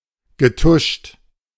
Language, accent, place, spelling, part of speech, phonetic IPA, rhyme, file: German, Germany, Berlin, getuscht, verb, [ɡəˈtʊʃt], -ʊʃt, De-getuscht.ogg
- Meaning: past participle of tuschen